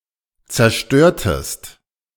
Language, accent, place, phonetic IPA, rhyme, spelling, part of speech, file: German, Germany, Berlin, [t͡sɛɐ̯ˈʃtøːɐ̯təst], -øːɐ̯təst, zerstörtest, verb, De-zerstörtest.ogg
- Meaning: inflection of zerstören: 1. second-person singular preterite 2. second-person singular subjunctive II